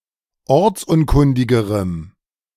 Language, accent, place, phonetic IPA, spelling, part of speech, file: German, Germany, Berlin, [ˈɔʁt͡sˌʔʊnkʊndɪɡəʁəm], ortsunkundigerem, adjective, De-ortsunkundigerem.ogg
- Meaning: strong dative masculine/neuter singular comparative degree of ortsunkundig